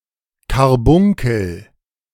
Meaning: carbuncle (abscess)
- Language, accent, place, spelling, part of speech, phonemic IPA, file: German, Germany, Berlin, Karbunkel, noun, /karˈbʊŋkəl/, De-Karbunkel.ogg